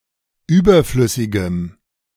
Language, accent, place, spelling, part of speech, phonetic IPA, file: German, Germany, Berlin, überflüssigem, adjective, [ˈyːbɐˌflʏsɪɡəm], De-überflüssigem.ogg
- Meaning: strong dative masculine/neuter singular of überflüssig